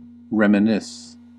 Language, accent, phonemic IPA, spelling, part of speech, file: English, US, /ˌɹɛm.əˈnɪs/, reminisce, verb / noun, En-us-reminisce.ogg
- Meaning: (verb) 1. To recall the past in a private moment, often fondly or nostalgically 2. To talk or write about memories of the past, especially pleasant memories 3. To remember fondly; to reminisce about